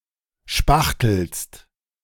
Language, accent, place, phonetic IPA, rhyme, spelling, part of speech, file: German, Germany, Berlin, [ˈʃpaxtl̩st], -axtl̩st, spachtelst, verb, De-spachtelst.ogg
- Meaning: second-person singular present of spachteln